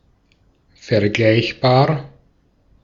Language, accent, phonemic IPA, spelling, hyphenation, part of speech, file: German, Austria, /fɛɐ̯ˈɡlaɪ̯çbaːɐ̯/, vergleichbar, ver‧gleich‧bar, adjective / adverb, De-at-vergleichbar.ogg
- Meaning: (adjective) comparable; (adverb) Akin to; in comparison with